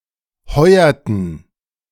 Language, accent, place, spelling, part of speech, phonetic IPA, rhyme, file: German, Germany, Berlin, heuerten, verb, [ˈhɔɪ̯ɐtn̩], -ɔɪ̯ɐtn̩, De-heuerten.ogg
- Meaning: inflection of heuern: 1. first/third-person plural preterite 2. first/third-person plural subjunctive II